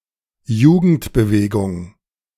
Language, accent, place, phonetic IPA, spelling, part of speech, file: German, Germany, Berlin, [ˈjuːɡn̩tbəˌveːɡʊŋ], Jugendbewegung, noun, De-Jugendbewegung2.ogg
- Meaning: youth movement